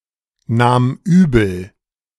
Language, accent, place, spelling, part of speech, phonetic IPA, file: German, Germany, Berlin, nahm übel, verb, [ˌnaːm ˈyːbl̩], De-nahm übel.ogg
- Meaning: first/third-person singular preterite of übelnehmen